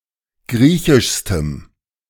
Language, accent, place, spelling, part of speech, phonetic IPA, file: German, Germany, Berlin, griechischstem, adjective, [ˈɡʁiːçɪʃstəm], De-griechischstem.ogg
- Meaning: strong dative masculine/neuter singular superlative degree of griechisch